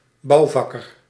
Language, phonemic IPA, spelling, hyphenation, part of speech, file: Dutch, /ˈbɑu̯ˌvɑ.kər/, bouwvakker, bouw‧vak‧ker, noun, Nl-bouwvakker.ogg
- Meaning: a builder, (notably professional) construction worker